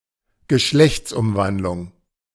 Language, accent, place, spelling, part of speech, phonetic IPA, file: German, Germany, Berlin, Geschlechtsumwandlung, noun, [ɡəˈʃlɛçt͡sˌʔʊmvandlʊŋ], De-Geschlechtsumwandlung.ogg
- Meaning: sex change